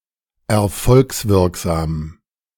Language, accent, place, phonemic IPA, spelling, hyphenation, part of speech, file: German, Germany, Berlin, /ɛʁˈfɔlksˌvɪʁkzaːm/, erfolgswirksam, er‧folgs‧wirk‧sam, adjective, De-erfolgswirksam.ogg
- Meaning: affecting net income